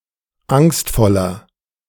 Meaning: 1. comparative degree of angstvoll 2. inflection of angstvoll: strong/mixed nominative masculine singular 3. inflection of angstvoll: strong genitive/dative feminine singular
- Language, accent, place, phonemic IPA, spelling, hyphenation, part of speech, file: German, Germany, Berlin, /ˈaŋstfɔlɐ/, angstvoller, angst‧vol‧ler, adjective, De-angstvoller.ogg